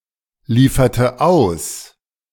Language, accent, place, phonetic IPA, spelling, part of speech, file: German, Germany, Berlin, [ˌliːfɐtə ˈaʊ̯s], lieferte aus, verb, De-lieferte aus.ogg
- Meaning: inflection of ausliefern: 1. first/third-person singular preterite 2. first/third-person singular subjunctive II